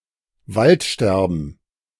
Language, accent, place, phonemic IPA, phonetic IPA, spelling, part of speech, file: German, Germany, Berlin, /ˈvaltˌʃtɛʁbən/, [ˈvaltˌʃtɛʁbn̩], Waldsterben, noun, De-Waldsterben.ogg
- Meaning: "dying of the forest" - the destruction of the forest caused by environmental pollution